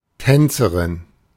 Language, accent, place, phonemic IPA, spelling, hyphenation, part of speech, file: German, Germany, Berlin, /ˈtɛnt͡səʁɪn/, Tänzerin, Tän‧ze‧rin, noun, De-Tänzerin.ogg
- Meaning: female dancer